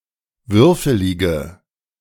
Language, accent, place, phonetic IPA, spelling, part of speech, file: German, Germany, Berlin, [ˈvʏʁfəlɪɡə], würfelige, adjective, De-würfelige.ogg
- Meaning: inflection of würfelig: 1. strong/mixed nominative/accusative feminine singular 2. strong nominative/accusative plural 3. weak nominative all-gender singular